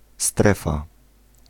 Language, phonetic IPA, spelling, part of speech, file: Polish, [ˈstrɛfa], strefa, noun, Pl-strefa.ogg